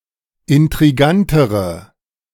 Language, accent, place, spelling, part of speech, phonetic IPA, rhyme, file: German, Germany, Berlin, intrigantere, adjective, [ɪntʁiˈɡantəʁə], -antəʁə, De-intrigantere.ogg
- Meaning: inflection of intrigant: 1. strong/mixed nominative/accusative feminine singular comparative degree 2. strong nominative/accusative plural comparative degree